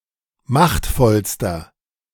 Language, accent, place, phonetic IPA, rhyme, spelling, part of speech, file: German, Germany, Berlin, [ˈmaxtfɔlstɐ], -axtfɔlstɐ, machtvollster, adjective, De-machtvollster.ogg
- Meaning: inflection of machtvoll: 1. strong/mixed nominative masculine singular superlative degree 2. strong genitive/dative feminine singular superlative degree 3. strong genitive plural superlative degree